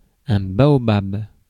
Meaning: baobab
- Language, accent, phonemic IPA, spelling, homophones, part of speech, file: French, France, /ba.ɔ.bab/, baobab, baobabs, noun, Fr-baobab.ogg